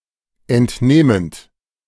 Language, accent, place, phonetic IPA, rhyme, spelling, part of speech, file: German, Germany, Berlin, [ɛntˈneːmənt], -eːmənt, entnehmend, verb, De-entnehmend.ogg
- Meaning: present participle of entnehmen